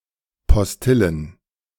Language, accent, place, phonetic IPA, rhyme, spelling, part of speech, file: German, Germany, Berlin, [pɔsˈtɪlən], -ɪlən, Postillen, noun, De-Postillen.ogg
- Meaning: plural of Postille